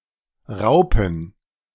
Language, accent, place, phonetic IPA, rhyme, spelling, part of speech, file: German, Germany, Berlin, [ˈʁaʊ̯pn̩], -aʊ̯pn̩, Raupen, noun, De-Raupen.ogg
- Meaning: plural of Raupe "caterpillars"